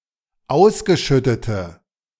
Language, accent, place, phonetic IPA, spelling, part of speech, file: German, Germany, Berlin, [ˈaʊ̯sɡəˌʃʏtətə], ausgeschüttete, adjective, De-ausgeschüttete.ogg
- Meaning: inflection of ausgeschüttet: 1. strong/mixed nominative/accusative feminine singular 2. strong nominative/accusative plural 3. weak nominative all-gender singular